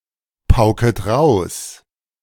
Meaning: second-person singular present of pauken
- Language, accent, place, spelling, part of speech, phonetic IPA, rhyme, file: German, Germany, Berlin, paukst, verb, [paʊ̯kst], -aʊ̯kst, De-paukst.ogg